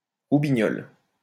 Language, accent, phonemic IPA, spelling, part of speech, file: French, France, /ʁu.bi.ɲɔl/, roubignole, noun, LL-Q150 (fra)-roubignole.wav
- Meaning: nut, testicle